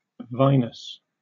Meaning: 1. Pertaining to or having the characteristics of wine 2. Pertaining to or having the characteristics of wine.: Involving the use of wine
- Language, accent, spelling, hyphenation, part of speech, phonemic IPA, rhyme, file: English, UK, vinous, vin‧ous, adjective, /ˈvaɪnəs/, -aɪnəs, En-uk-vinous.oga